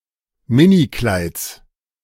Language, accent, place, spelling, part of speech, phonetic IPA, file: German, Germany, Berlin, Minikleids, noun, [ˈmɪniˌklaɪ̯t͡s], De-Minikleids.ogg
- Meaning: genitive singular of Minikleid